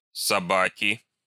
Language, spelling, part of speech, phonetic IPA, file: Russian, собаки, noun, [sɐˈbakʲɪ], Ru-собаки.ogg
- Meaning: inflection of соба́ка (sobáka): 1. nominative plural 2. genitive singular